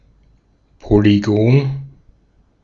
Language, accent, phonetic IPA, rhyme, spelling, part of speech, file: German, Austria, [poliˈɡoːn], -oːn, Polygon, noun, De-at-Polygon.ogg
- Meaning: polygon